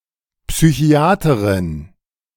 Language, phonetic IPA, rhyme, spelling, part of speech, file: German, [psyˈçi̯aːtəʁɪn], -aːtəʁɪn, Psychiaterin, noun, De-Psychiaterin.oga
- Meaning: female psychiatrist